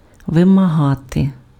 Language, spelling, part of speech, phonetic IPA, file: Ukrainian, вимагати, verb, [ʋemɐˈɦate], Uk-вимагати.ogg
- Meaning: 1. to require, to demand, to expect (specify as a requirement) 2. to require, to demand, to call for (necessitate) 3. to extort